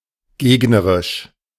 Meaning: opposing, opponent's (belonging to the opposing team or party; especially in sports and games)
- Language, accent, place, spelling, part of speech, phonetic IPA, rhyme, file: German, Germany, Berlin, gegnerisch, adjective, [ˈɡeːɡnəʁɪʃ], -eːɡnəʁɪʃ, De-gegnerisch.ogg